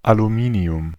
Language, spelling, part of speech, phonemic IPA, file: German, Aluminium, noun, /aluˈmiːni̯ʊm/, De-Aluminium.ogg
- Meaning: 1. aluminium (atomic number 13) 2. woodwork, the post or crossbar of a goal